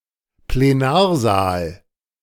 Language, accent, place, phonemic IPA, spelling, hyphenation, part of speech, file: German, Germany, Berlin, /pleˈnaːɐ̯ˌzaːl/, Plenarsaal, Ple‧nar‧saal, noun, De-Plenarsaal.ogg
- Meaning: plenary chamber